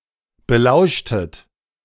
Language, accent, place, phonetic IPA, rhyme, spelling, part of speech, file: German, Germany, Berlin, [bəˈlaʊ̯ʃtət], -aʊ̯ʃtət, belauschtet, verb, De-belauschtet.ogg
- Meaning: inflection of belauschen: 1. second-person plural preterite 2. second-person plural subjunctive II